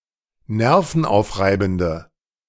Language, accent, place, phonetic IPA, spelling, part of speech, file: German, Germany, Berlin, [ˈnɛʁfn̩ˌʔaʊ̯fʁaɪ̯bn̩də], nervenaufreibende, adjective, De-nervenaufreibende.ogg
- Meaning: inflection of nervenaufreibend: 1. strong/mixed nominative/accusative feminine singular 2. strong nominative/accusative plural 3. weak nominative all-gender singular